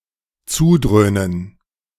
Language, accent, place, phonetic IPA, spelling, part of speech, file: German, Germany, Berlin, [ˈt͡suːˌdʁøːnən], zudröhnen, verb, De-zudröhnen.ogg
- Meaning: to get high